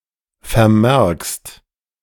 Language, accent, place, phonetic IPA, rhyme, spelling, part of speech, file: German, Germany, Berlin, [fɛɐ̯ˈmɛʁkst], -ɛʁkst, vermerkst, verb, De-vermerkst.ogg
- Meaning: second-person singular present of vermerken